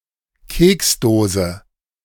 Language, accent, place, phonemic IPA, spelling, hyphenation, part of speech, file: German, Germany, Berlin, /ˈkeːksˌdoːzə/, Keksdose, Keks‧do‧se, noun, De-Keksdose.ogg
- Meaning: cookie jar (US); biscuit tin (UK)